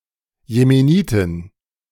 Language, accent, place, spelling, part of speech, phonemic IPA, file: German, Germany, Berlin, Jemenitin, noun, /jemeˈniːtɪn/, De-Jemenitin.ogg
- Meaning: Yemeni (A female person from Yemen or of Yemeni descent)